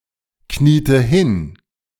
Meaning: inflection of hinknien: 1. first/third-person singular preterite 2. first/third-person singular subjunctive II
- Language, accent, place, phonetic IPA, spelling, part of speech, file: German, Germany, Berlin, [ˌkniːtə ˈhɪn], kniete hin, verb, De-kniete hin.ogg